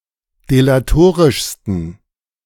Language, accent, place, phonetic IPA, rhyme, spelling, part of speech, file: German, Germany, Berlin, [delaˈtoːʁɪʃstn̩], -oːʁɪʃstn̩, delatorischsten, adjective, De-delatorischsten.ogg
- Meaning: 1. superlative degree of delatorisch 2. inflection of delatorisch: strong genitive masculine/neuter singular superlative degree